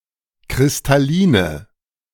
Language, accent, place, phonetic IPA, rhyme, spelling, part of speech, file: German, Germany, Berlin, [kʁɪstaˈliːnə], -iːnə, kristalline, adjective, De-kristalline.ogg
- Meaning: inflection of kristallin: 1. strong/mixed nominative/accusative feminine singular 2. strong nominative/accusative plural 3. weak nominative all-gender singular